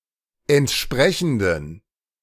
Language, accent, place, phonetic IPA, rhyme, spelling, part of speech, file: German, Germany, Berlin, [ɛntˈʃpʁɛçn̩dən], -ɛçn̩dən, entsprechenden, adjective, De-entsprechenden.ogg
- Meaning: inflection of entsprechend: 1. strong genitive masculine/neuter singular 2. weak/mixed genitive/dative all-gender singular 3. strong/weak/mixed accusative masculine singular 4. strong dative plural